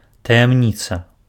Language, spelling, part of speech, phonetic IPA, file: Belarusian, таямніца, noun, [tajamˈnʲit͡sa], Be-таямніца.ogg
- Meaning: 1. mystery (something secret or unexplainable) 2. secret